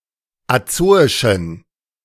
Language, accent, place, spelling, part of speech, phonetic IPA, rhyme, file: German, Germany, Berlin, azoischen, adjective, [aˈt͡soːɪʃn̩], -oːɪʃn̩, De-azoischen.ogg
- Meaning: inflection of azoisch: 1. strong genitive masculine/neuter singular 2. weak/mixed genitive/dative all-gender singular 3. strong/weak/mixed accusative masculine singular 4. strong dative plural